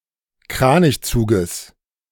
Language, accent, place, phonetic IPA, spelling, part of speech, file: German, Germany, Berlin, [ˈkʁaːnɪçˌt͡suːɡəs], Kranichzuges, noun, De-Kranichzuges.ogg
- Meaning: genitive singular of Kranichzug